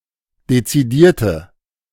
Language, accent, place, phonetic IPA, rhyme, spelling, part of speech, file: German, Germany, Berlin, [det͡siˈdiːɐ̯tə], -iːɐ̯tə, dezidierte, adjective, De-dezidierte.ogg
- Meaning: inflection of dezidiert: 1. strong/mixed nominative/accusative feminine singular 2. strong nominative/accusative plural 3. weak nominative all-gender singular